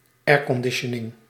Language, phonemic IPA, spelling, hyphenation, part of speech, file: Dutch, /ˈɛːr.kɔnˌdɪ.ʃə.nɪŋ/, airconditioning, air‧con‧di‧tio‧ning, noun, Nl-airconditioning.ogg
- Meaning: air conditioning